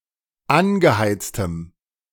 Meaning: strong dative masculine/neuter singular of angeheizt
- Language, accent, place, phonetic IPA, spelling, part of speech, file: German, Germany, Berlin, [ˈanɡəˌhaɪ̯t͡stəm], angeheiztem, adjective, De-angeheiztem.ogg